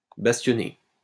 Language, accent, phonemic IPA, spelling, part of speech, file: French, France, /bas.tjɔ.ne/, bastionner, verb, LL-Q150 (fra)-bastionner.wav
- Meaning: to bulwark